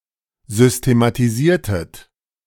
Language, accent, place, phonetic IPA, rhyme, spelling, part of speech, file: German, Germany, Berlin, [ˌzʏstematiˈziːɐ̯tət], -iːɐ̯tət, systematisiertet, verb, De-systematisiertet.ogg
- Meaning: inflection of systematisieren: 1. second-person plural preterite 2. second-person plural subjunctive II